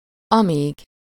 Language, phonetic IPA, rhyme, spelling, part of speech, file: Hungarian, [ˈɒmiːɡ], -iːɡ, amíg, adverb, Hu-amíg.ogg
- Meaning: 1. as long as, while 2. until, till